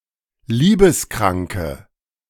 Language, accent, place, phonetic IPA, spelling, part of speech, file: German, Germany, Berlin, [ˈliːbəsˌkʁaŋkə], liebeskranke, adjective, De-liebeskranke.ogg
- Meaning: inflection of liebeskrank: 1. strong/mixed nominative/accusative feminine singular 2. strong nominative/accusative plural 3. weak nominative all-gender singular